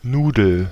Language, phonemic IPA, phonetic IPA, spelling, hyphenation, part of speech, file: German, /ˈnuːdəl/, [ˈnuːdl̩], Nudel, Nu‧del, noun, De-Nudel.ogg
- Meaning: 1. a noodle, a string or lump of pasta 2. pasta 3. certain other kinds of pastries 4. a person, usually female, who is funny and cheerful, especially when also having a pleasantly plump, buxom figure